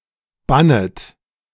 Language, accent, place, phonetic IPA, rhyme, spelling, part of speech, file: German, Germany, Berlin, [ˈbanət], -anət, bannet, verb, De-bannet.ogg
- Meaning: second-person plural subjunctive I of bannen